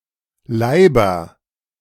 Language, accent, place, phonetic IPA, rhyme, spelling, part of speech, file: German, Germany, Berlin, [ˈlaɪ̯bɐ], -aɪ̯bɐ, Leiber, noun, De-Leiber.ogg
- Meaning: nominative/accusative/genitive plural of Leib